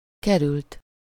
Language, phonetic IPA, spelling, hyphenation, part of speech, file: Hungarian, [ˈkɛrylt], került, ke‧rült, verb, Hu-került.ogg
- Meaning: 1. third-person singular indicative past indefinite of kerül 2. past participle of kerül